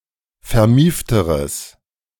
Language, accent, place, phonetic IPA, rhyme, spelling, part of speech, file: German, Germany, Berlin, [fɛɐ̯ˈmiːftəʁəs], -iːftəʁəs, vermiefteres, adjective, De-vermiefteres.ogg
- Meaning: strong/mixed nominative/accusative neuter singular comparative degree of vermieft